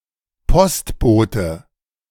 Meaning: mailman, postman, postie, mail carrier, letter carrier, mailperson (male or of unspecified gender)
- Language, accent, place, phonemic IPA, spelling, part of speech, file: German, Germany, Berlin, /ˈpɔstboːtə/, Postbote, noun, De-Postbote.ogg